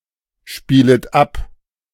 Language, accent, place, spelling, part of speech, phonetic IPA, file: German, Germany, Berlin, spielet ab, verb, [ˌʃpiːlət ˈap], De-spielet ab.ogg
- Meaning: second-person plural subjunctive I of abspielen